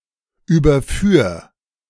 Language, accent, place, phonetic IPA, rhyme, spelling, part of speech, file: German, Germany, Berlin, [ˌyːbɐˈfyːɐ̯], -yːɐ̯, überführ, verb, De-überführ.ogg
- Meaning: 1. singular imperative of überführen 2. first-person singular present of überführen